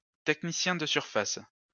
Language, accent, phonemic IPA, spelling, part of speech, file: French, France, /tɛk.ni.sjɛ̃ d(ə) syʁ.fas/, technicien de surface, noun, LL-Q150 (fra)-technicien de surface.wav
- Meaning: cleaner (person whose occupation is to clean floors, windows and other things)